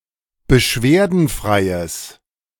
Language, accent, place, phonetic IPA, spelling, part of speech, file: German, Germany, Berlin, [bəˈʃveːɐ̯dn̩ˌfʁaɪ̯əs], beschwerdenfreies, adjective, De-beschwerdenfreies.ogg
- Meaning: strong/mixed nominative/accusative neuter singular of beschwerdenfrei